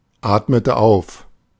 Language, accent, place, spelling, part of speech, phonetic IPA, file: German, Germany, Berlin, atmete auf, verb, [ˌaːtmətə ˈaʊ̯f], De-atmete auf.ogg
- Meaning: inflection of aufatmen: 1. first/third-person singular preterite 2. first/third-person singular subjunctive II